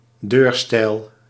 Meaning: doorpost, door pillar
- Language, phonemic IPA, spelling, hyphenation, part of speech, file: Dutch, /ˈdøːr.stɛi̯l/, deurstijl, deur‧stijl, noun, Nl-deurstijl.ogg